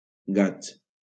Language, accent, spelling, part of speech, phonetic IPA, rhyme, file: Catalan, Valencia, gats, noun, [ˈɡats], -ats, LL-Q7026 (cat)-gats.wav
- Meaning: plural of gat